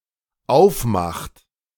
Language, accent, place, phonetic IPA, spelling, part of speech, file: German, Germany, Berlin, [ˈaʊ̯fˌmaxt], aufmacht, verb, De-aufmacht.ogg
- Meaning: inflection of aufmachen: 1. third-person singular dependent present 2. second-person plural dependent present